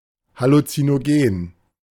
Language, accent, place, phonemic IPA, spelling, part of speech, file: German, Germany, Berlin, /halutsinoˌɡeːn/, Halluzinogen, noun, De-Halluzinogen.ogg
- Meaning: hallucinogen (that which causes hallucinations)